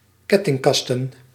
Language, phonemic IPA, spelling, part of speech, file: Dutch, /ˈkɛtɪŋˌkɑstə(n)/, kettingkasten, noun, Nl-kettingkasten.ogg
- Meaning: plural of kettingkast